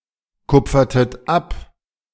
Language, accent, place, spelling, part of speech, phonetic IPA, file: German, Germany, Berlin, kupfertet ab, verb, [ˌkʊp͡fɐtət ˈap], De-kupfertet ab.ogg
- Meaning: inflection of abkupfern: 1. second-person plural preterite 2. second-person plural subjunctive II